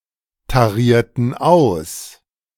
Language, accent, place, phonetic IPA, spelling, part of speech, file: German, Germany, Berlin, [taˌʁiːɐ̯tn̩ ˈaʊ̯s], tarierten aus, verb, De-tarierten aus.ogg
- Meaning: inflection of austarieren: 1. first/third-person plural preterite 2. first/third-person plural subjunctive II